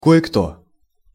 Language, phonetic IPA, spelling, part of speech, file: Russian, [ˌko(j)ɪ ˈkto], кое-кто, pronoun, Ru-кое-кто.ogg
- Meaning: a certain someone (implies that one knows who it is, but is deliberately refraining from naming who)